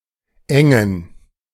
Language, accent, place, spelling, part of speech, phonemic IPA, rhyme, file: German, Germany, Berlin, Engen, proper noun, /ˈɛŋən/, -ɛŋən, De-Engen.ogg
- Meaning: a municipality of Baden-Württemberg, Germany